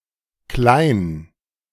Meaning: a common surname, Klein and Kline, transferred from the nickname, equivalent to English Small
- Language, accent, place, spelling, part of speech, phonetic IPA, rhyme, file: German, Germany, Berlin, Klein, noun / proper noun, [klaɪ̯n], -aɪ̯n, De-Klein.ogg